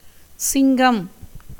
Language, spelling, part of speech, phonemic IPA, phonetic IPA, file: Tamil, சிங்கம், noun, /tʃɪŋɡɐm/, [sɪŋɡɐm], Ta-சிங்கம்.ogg
- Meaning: 1. lion 2. Leo, the fifth sign of the zodiac